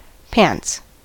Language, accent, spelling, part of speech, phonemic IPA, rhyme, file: English, US, pants, noun / adjective / verb, /pænts/, -ænts, En-us-pants.ogg
- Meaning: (noun) An outer garment that covers the body from the waist downwards, covering each leg separately, usually as far as the ankles; trousers